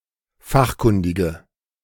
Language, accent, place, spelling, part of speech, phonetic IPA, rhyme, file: German, Germany, Berlin, fachkundige, adjective, [ˈfaxˌkʊndɪɡə], -axkʊndɪɡə, De-fachkundige.ogg
- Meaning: inflection of fachkundig: 1. strong/mixed nominative/accusative feminine singular 2. strong nominative/accusative plural 3. weak nominative all-gender singular